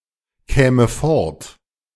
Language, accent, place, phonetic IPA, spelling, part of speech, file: German, Germany, Berlin, [ˌkɛːmə ˈfɔʁt], käme fort, verb, De-käme fort.ogg
- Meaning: first/third-person singular subjunctive II of fortkommen